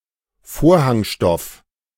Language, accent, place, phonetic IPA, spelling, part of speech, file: German, Germany, Berlin, [ˈfoːɐ̯haŋˌʃtɔf], Vorhangstoff, noun, De-Vorhangstoff.ogg
- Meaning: curtain fabric, curtain material